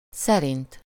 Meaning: 1. according to (one’s thought, belief, or guess) 2. by, following, in compliance with, according to, in obedience to, consistent with (e.g. a rule or a statement)
- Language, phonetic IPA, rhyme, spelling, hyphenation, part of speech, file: Hungarian, [ˈsɛrint], -int, szerint, sze‧rint, postposition, Hu-szerint.ogg